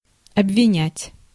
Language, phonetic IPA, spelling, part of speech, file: Russian, [ɐbvʲɪˈnʲætʲ], обвинять, verb, Ru-обвинять.ogg
- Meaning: to accuse, to charge